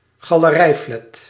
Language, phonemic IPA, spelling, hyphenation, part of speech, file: Dutch, /ɣɑ.ləˈrɛi̯ˌflɛt/, galerijflat, ga‧le‧rij‧flat, noun, Nl-galerijflat.ogg
- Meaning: a tower block with exits on an open hallway or otherwise with interconnected balconies